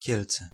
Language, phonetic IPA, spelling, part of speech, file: Polish, [ˈcɛlt͡sɛ], Kielce, proper noun, Pl-Kielce.ogg